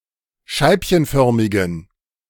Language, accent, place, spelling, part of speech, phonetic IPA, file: German, Germany, Berlin, scheibchenförmigen, adjective, [ˈʃaɪ̯pçənˌfœʁmɪɡn̩], De-scheibchenförmigen.ogg
- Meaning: inflection of scheibchenförmig: 1. strong genitive masculine/neuter singular 2. weak/mixed genitive/dative all-gender singular 3. strong/weak/mixed accusative masculine singular